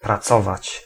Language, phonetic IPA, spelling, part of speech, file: Polish, [praˈt͡sɔvat͡ɕ], pracować, verb, Pl-pracować.ogg